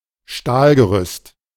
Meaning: steel scaffolding, steel framework
- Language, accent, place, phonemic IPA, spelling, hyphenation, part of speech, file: German, Germany, Berlin, /ˈʃtaːlɡəˌʁʏst/, Stahlgerüst, Stahl‧ge‧rüst, noun, De-Stahlgerüst.ogg